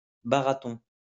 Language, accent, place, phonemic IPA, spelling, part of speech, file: French, France, Lyon, /ba.ʁa.tɔ̃/, barathon, noun, LL-Q150 (fra)-barathon.wav
- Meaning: pub crawl